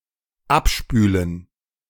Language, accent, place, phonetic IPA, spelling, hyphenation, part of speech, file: German, Germany, Berlin, [ˈapˌʃpyːlən], abspülen, ab‧spü‧len, verb, De-abspülen.ogg
- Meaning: 1. to wash off, to rinse 2. to do the dishes